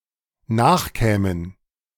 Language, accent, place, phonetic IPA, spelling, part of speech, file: German, Germany, Berlin, [ˈnaːxˌkɛːmən], nachkämen, verb, De-nachkämen.ogg
- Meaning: first/third-person plural dependent subjunctive II of nachkommen